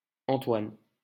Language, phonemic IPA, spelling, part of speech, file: French, /ɑ̃.twan/, Antoine, proper noun, LL-Q150 (fra)-Antoine.wav
- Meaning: 1. a male given name, equivalent to English Anthony 2. a surname originating as a patronymic